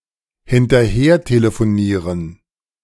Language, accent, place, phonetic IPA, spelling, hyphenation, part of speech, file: German, Germany, Berlin, [hɪntɐˈheːɐ̯teləfoˌniːʁən], hinterhertelefonieren, hin‧ter‧her‧te‧le‧fo‧nie‧ren, verb, De-hinterhertelefonieren.ogg
- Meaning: 1. [with dative] to try and get information by phone 2. [with dative] to try and reach by phone